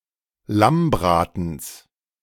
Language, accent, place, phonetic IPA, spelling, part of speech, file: German, Germany, Berlin, [ˈlamˌbʁaːtn̩s], Lammbratens, noun, De-Lammbratens.ogg
- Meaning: genitive of Lammbraten